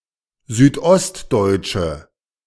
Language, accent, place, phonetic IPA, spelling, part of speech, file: German, Germany, Berlin, [ˌzyːtˈʔɔstdɔɪ̯tʃə], südostdeutsche, adjective, De-südostdeutsche.ogg
- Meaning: inflection of südostdeutsch: 1. strong/mixed nominative/accusative feminine singular 2. strong nominative/accusative plural 3. weak nominative all-gender singular